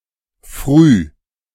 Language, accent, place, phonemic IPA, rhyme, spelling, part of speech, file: German, Germany, Berlin, /fʁyː/, -yː, früh, adjective / adverb, De-früh.ogg
- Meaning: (adjective) early; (adverb) in the morning (general in morgen früh, otherwise regional, especially Eastern Germany, Southern Germany, Austria)